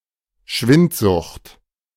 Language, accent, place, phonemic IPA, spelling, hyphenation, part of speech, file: German, Germany, Berlin, /ˈʃvɪntˌzʊxt/, Schwindsucht, Schwind‧sucht, noun, De-Schwindsucht.ogg
- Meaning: tuberculosis, consumption